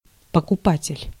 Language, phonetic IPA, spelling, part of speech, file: Russian, [pəkʊˈpatʲɪlʲ], покупатель, noun, Ru-покупатель.ogg
- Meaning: buyer, purchaser, customer, client, shopper